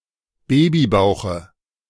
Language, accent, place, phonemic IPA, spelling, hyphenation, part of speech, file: German, Germany, Berlin, /ˈbeːbiˌbaʊ̯xə/, Babybauche, Ba‧by‧bau‧che, noun, De-Babybauche.ogg
- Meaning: dative singular of Babybauch